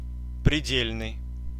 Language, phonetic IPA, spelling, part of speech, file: Russian, [prʲɪˈdʲelʲnɨj], предельный, adjective, Ru-предельный.ogg
- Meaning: 1. limit, maximum 2. utmost, extreme